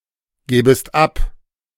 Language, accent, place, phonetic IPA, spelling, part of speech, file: German, Germany, Berlin, [ˌɡɛːbəst ˈap], gäbest ab, verb, De-gäbest ab.ogg
- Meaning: second-person singular subjunctive II of abgeben